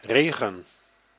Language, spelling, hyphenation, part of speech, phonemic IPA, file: Dutch, regen, re‧gen, noun / verb, /ˈreː.ɣə(n)/, Nl-regen.ogg
- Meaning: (noun) rain; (verb) inflection of regenen: 1. first-person singular present indicative 2. second-person singular present indicative 3. imperative